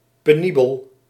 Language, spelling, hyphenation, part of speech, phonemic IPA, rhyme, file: Dutch, penibel, pe‧ni‧bel, adjective, /ˌpeːˈni.bəl/, -ibəl, Nl-penibel.ogg
- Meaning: 1. precarious, dangerous 2. painstaking, difficult 3. painful, unpleasant